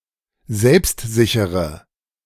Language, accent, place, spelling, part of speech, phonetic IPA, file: German, Germany, Berlin, selbstsichere, adjective, [ˈzɛlpstˌzɪçəʁə], De-selbstsichere.ogg
- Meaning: inflection of selbstsicher: 1. strong/mixed nominative/accusative feminine singular 2. strong nominative/accusative plural 3. weak nominative all-gender singular